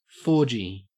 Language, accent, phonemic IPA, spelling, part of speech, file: English, Australia, /ˈfoʊɹd͡ʒi/, fourgie, noun, En-au-fourgie.ogg
- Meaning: An act of group sex between four people; a foursome